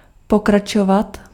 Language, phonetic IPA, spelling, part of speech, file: Czech, [ˈpokrat͡ʃovat], pokračovat, verb, Cs-pokračovat.ogg
- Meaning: 1. to continue (to prolong) 2. to continue (to resume)